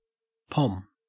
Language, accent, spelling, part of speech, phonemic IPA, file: English, Australia, pom, noun, /pɔm/, En-au-pom.ogg
- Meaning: 1. An Englishman; a Briton; a person of British descent 2. A cocktail containing pomegranate juice and vodka